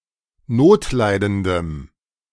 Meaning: strong dative masculine/neuter singular of notleidend
- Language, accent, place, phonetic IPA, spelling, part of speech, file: German, Germany, Berlin, [ˈnoːtˌlaɪ̯dəndəm], notleidendem, adjective, De-notleidendem.ogg